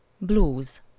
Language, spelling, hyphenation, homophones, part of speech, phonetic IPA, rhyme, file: Hungarian, blúz, blúz, blues, noun, [ˈbluːz], -uːz, Hu-blúz.ogg
- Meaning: 1. a loose-fitting blouse, especially for women or girls 2. blouse (loose-fitting uniform jacket)